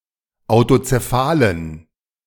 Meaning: inflection of autozephal: 1. strong genitive masculine/neuter singular 2. weak/mixed genitive/dative all-gender singular 3. strong/weak/mixed accusative masculine singular 4. strong dative plural
- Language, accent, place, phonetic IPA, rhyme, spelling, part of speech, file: German, Germany, Berlin, [aʊ̯tot͡seˈfaːlən], -aːlən, autozephalen, adjective, De-autozephalen.ogg